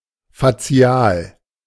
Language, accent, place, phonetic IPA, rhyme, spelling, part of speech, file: German, Germany, Berlin, [faˈt͡si̯aːl], -aːl, fazial, adjective, De-fazial.ogg
- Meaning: facial